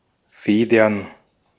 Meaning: plural of Feder
- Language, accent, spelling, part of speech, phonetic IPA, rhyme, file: German, Austria, Federn, noun, [ˈfeːdɐn], -eːdɐn, De-at-Federn.ogg